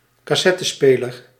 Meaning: cassette player
- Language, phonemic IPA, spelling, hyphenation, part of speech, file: Dutch, /kɑˈsɛ.təˌspeː.lər/, cassettespeler, cas‧set‧te‧spe‧ler, noun, Nl-cassettespeler.ogg